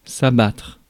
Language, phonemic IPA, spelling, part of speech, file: French, /a.batʁ/, abattre, verb, Fr-abattre.ogg
- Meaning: 1. to butcher; to slaughter for meat 2. to shoot dead 3. to cut down (a tree) 4. to destroy or demolish (a wall) 5. to fall down, especially of tall things, such as trees